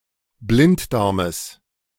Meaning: genitive singular of Blinddarm
- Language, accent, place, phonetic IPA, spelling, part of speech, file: German, Germany, Berlin, [ˈblɪntˌdaʁməs], Blinddarmes, noun, De-Blinddarmes.ogg